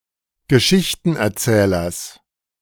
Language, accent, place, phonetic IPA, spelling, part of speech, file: German, Germany, Berlin, [ɡəˈʃɪçtn̩ʔɛɐ̯ˌt͡sɛːlɐs], Geschichtenerzählers, noun, De-Geschichtenerzählers.ogg
- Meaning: genitive singular of Geschichtenerzähler